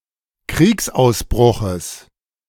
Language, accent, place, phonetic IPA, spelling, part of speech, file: German, Germany, Berlin, [ˈkʁiːksʔaʊ̯sˌbʁʊxəs], Kriegsausbruches, noun, De-Kriegsausbruches.ogg
- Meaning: genitive of Kriegsausbruch